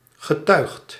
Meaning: 1. past participle of tuigen 2. past participle of getuigen
- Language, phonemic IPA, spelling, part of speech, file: Dutch, /ɣəˈtɶyɣt/, getuigd, verb / adjective, Nl-getuigd.ogg